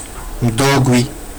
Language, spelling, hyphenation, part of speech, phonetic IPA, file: Georgian, მდოგვი, მდოგ‧ვი, noun, [mdo̞ɡʷi], Ka-mdogvi.ogg
- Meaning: mustard